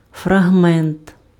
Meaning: fragment
- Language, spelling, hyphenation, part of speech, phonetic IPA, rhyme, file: Ukrainian, фрагмент, фра‧гмент, noun, [frɐɦˈmɛnt], -ɛnt, Uk-фрагмент.ogg